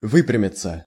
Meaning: 1. to stand up straight, to become straight; to erect oneself, to draw oneself up 2. passive of вы́прямить (výprjamitʹ)
- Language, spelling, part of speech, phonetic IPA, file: Russian, выпрямиться, verb, [ˈvɨprʲɪmʲɪt͡sə], Ru-выпрямиться.ogg